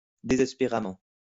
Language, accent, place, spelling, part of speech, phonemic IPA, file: French, France, Lyon, désespéramment, adverb, /de.zɛs.pe.ʁa.mɑ̃/, LL-Q150 (fra)-désespéramment.wav
- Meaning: desperately